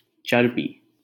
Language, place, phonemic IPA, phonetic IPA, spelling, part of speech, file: Hindi, Delhi, /t͡ʃəɾ.biː/, [t͡ʃɐɾ.biː], चरबी, noun, LL-Q1568 (hin)-चरबी.wav
- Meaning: grease, fat, lard